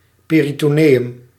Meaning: peritoneum
- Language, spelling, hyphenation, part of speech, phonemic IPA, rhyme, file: Dutch, peritoneum, pe‧ri‧to‧ne‧um, noun, /ˌpeː.ri.toːˈneː.ʏm/, -eːʏm, Nl-peritoneum.ogg